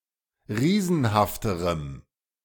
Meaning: strong dative masculine/neuter singular comparative degree of riesenhaft
- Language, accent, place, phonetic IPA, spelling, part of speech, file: German, Germany, Berlin, [ˈʁiːzn̩haftəʁəm], riesenhafterem, adjective, De-riesenhafterem.ogg